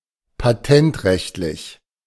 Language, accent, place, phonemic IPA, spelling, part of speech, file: German, Germany, Berlin, /paˈtɛntˌʁɛçtlɪç/, patentrechtlich, adjective, De-patentrechtlich.ogg
- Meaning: patent law